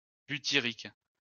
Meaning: butyric
- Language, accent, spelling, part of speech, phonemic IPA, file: French, France, butyrique, adjective, /by.ti.ʁik/, LL-Q150 (fra)-butyrique.wav